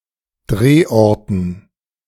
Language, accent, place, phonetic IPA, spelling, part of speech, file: German, Germany, Berlin, [ˈdʁeːˌʔɔʁtn̩], Drehorten, noun, De-Drehorten.ogg
- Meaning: dative plural of Drehort